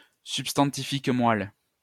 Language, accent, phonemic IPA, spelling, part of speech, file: French, France, /syp.stɑ̃.ti.fik mwal/, substantifique moelle, noun, LL-Q150 (fra)-substantifique moelle.wav
- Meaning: the very substance, the true essence, the pith, the marrow, the crux of the matter, the heart of the matter, the core; the hidden meaning, the true meaning, the real meaning